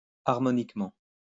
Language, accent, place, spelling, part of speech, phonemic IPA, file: French, France, Lyon, harmoniquement, adverb, /aʁ.mɔ.nik.mɑ̃/, LL-Q150 (fra)-harmoniquement.wav
- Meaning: harmonically